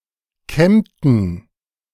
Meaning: inflection of kämmen: 1. first/third-person plural preterite 2. first/third-person plural subjunctive II
- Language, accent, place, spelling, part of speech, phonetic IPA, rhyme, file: German, Germany, Berlin, kämmten, verb, [ˈkɛmtn̩], -ɛmtn̩, De-kämmten.ogg